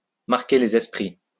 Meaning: to make a lasting impression, to make an impact
- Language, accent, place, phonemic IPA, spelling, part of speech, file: French, France, Lyon, /maʁ.ke le.z‿ɛs.pʁi/, marquer les esprits, verb, LL-Q150 (fra)-marquer les esprits.wav